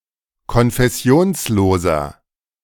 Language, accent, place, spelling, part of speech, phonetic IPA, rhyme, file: German, Germany, Berlin, konfessionsloser, adjective, [kɔnfɛˈsi̯oːnsˌloːzɐ], -oːnsloːzɐ, De-konfessionsloser.ogg
- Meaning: inflection of konfessionslos: 1. strong/mixed nominative masculine singular 2. strong genitive/dative feminine singular 3. strong genitive plural